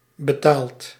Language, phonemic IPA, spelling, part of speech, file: Dutch, /bəˈtalt/, betaalt, verb, Nl-betaalt.ogg
- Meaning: inflection of betalen: 1. second/third-person singular present indicative 2. plural imperative